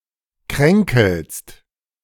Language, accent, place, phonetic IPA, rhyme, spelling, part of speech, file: German, Germany, Berlin, [ˈkʁɛŋkl̩st], -ɛŋkl̩st, kränkelst, verb, De-kränkelst.ogg
- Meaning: second-person singular present of kränkeln